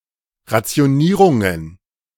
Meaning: plural of Rationierung
- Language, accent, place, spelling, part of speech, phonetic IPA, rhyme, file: German, Germany, Berlin, Rationierungen, noun, [ʁat͡si̯oˈniːʁʊŋən], -iːʁʊŋən, De-Rationierungen.ogg